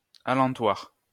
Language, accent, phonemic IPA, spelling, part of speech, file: French, France, /a.lɑ̃.twaʁ/, alentoir, adverb, LL-Q150 (fra)-alentoir.wav
- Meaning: alternative form of alentour